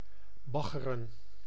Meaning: to dredge
- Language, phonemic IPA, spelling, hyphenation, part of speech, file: Dutch, /ˈbɑɣərə(n)/, baggeren, bag‧ge‧ren, verb, Nl-baggeren.ogg